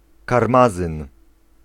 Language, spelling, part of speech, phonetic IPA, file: Polish, karmazyn, noun, [karˈmazɨ̃n], Pl-karmazyn.ogg